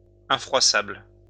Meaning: creaseproof, crease-resistant
- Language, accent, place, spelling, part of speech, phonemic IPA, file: French, France, Lyon, infroissable, adjective, /ɛ̃.fʁwa.sabl/, LL-Q150 (fra)-infroissable.wav